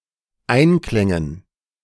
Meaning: dative plural of Einklang
- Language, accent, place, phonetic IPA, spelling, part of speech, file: German, Germany, Berlin, [ˈaɪ̯nˌklɛŋən], Einklängen, noun, De-Einklängen.ogg